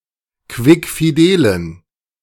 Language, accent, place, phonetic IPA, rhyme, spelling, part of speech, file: German, Germany, Berlin, [ˌkvɪkfiˈdeːlən], -eːlən, quickfidelen, adjective, De-quickfidelen.ogg
- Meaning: inflection of quickfidel: 1. strong genitive masculine/neuter singular 2. weak/mixed genitive/dative all-gender singular 3. strong/weak/mixed accusative masculine singular 4. strong dative plural